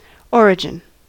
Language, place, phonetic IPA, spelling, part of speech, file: English, California, [ˈoɹ.d͡ʒɪn], origin, noun, En-us-origin.ogg
- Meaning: 1. The beginning of something 2. The source of a river, information, goods, etc 3. The point at which the axes of a coordinate system intersect